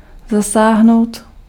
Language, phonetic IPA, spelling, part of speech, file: Czech, [ˈzasaːɦnou̯t], zasáhnout, verb, Cs-zasáhnout.ogg
- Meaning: 1. to hit 2. to intervene